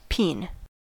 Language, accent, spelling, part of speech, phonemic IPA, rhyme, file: English, US, peen, noun / verb, /piːn/, -iːn, En-us-peen.ogg
- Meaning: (noun) The (often spherical) end of the head of a hammer opposite the main hammering end; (verb) To shape metal by striking it, especially with a peen; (noun) Penis